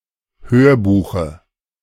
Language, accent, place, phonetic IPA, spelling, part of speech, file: German, Germany, Berlin, [ˈhøːɐ̯ˌbuːxə], Hörbuche, noun, De-Hörbuche.ogg
- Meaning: dative singular of Hörbuch